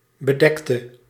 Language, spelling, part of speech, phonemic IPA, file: Dutch, bedekte, verb, /bəˈdɛktə/, Nl-bedekte.ogg
- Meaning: inflection of bedekken: 1. singular past indicative 2. singular past subjunctive